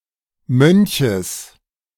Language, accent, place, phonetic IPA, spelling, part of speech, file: German, Germany, Berlin, [ˈmœnçəs], Mönches, noun, De-Mönches.ogg
- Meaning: genitive singular of Mönch